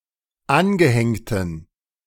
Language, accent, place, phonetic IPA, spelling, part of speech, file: German, Germany, Berlin, [ˈanɡəˌhɛŋtn̩], angehängten, adjective, De-angehängten.ogg
- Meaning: inflection of angehängt: 1. strong genitive masculine/neuter singular 2. weak/mixed genitive/dative all-gender singular 3. strong/weak/mixed accusative masculine singular 4. strong dative plural